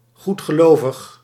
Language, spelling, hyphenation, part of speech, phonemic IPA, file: Dutch, goedgelovig, goed‧ge‧lo‧vig, adjective, /ˌɣut.xəˈloː.vəx/, Nl-goedgelovig.ogg
- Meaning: credulous, gullible